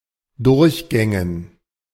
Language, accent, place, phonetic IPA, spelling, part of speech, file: German, Germany, Berlin, [ˈdʊʁçˌɡɛŋən], Durchgängen, noun, De-Durchgängen.ogg
- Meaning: dative plural of Durchgang